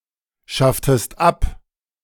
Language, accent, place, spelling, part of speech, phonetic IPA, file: German, Germany, Berlin, schafftest ab, verb, [ˌʃaftəst ˈap], De-schafftest ab.ogg
- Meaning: inflection of abschaffen: 1. second-person singular preterite 2. second-person singular subjunctive II